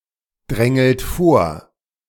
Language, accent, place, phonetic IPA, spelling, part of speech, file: German, Germany, Berlin, [ˌdʁɛŋl̩t ˈfoːɐ̯], drängelt vor, verb, De-drängelt vor.ogg
- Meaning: inflection of vordrängeln: 1. second-person plural present 2. third-person singular present 3. plural imperative